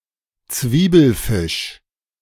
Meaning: 1. A character that is by mistake printed in a font different from the rest 2. misprint
- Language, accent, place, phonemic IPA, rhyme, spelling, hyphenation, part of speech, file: German, Germany, Berlin, /ˈt͡sviːbl̩ˌfɪʃ/, -ɪʃ, Zwiebelfisch, Zwie‧bel‧fisch, noun, De-Zwiebelfisch.ogg